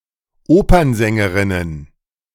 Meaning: plural of Opernsängerin
- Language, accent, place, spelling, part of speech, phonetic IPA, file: German, Germany, Berlin, Opernsängerinnen, noun, [ˈoːpɐnˌzɛŋəʁɪnən], De-Opernsängerinnen.ogg